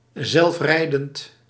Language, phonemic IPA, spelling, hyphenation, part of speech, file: Dutch, /ˈzɛlfˌrɛi̯.dənt/, zelfrijdend, zelf‧rij‧dend, adjective, Nl-zelfrijdend.ogg
- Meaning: self-driving